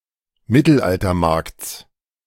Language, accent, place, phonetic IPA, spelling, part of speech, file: German, Germany, Berlin, [ˈmɪtl̩ʔaltɐˌmaʁkt͡s], Mittelaltermarkts, noun, De-Mittelaltermarkts.ogg
- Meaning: genitive singular of Mittelaltermarkt